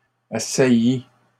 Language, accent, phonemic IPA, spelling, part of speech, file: French, Canada, /a.sa.ji/, assaillie, verb, LL-Q150 (fra)-assaillie.wav
- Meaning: feminine singular of assailli